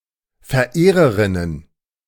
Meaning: plural of Verehrerin
- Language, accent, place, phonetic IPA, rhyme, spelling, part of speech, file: German, Germany, Berlin, [fɛɐ̯ˈʔeːʁəʁɪnən], -eːʁəʁɪnən, Verehrerinnen, noun, De-Verehrerinnen.ogg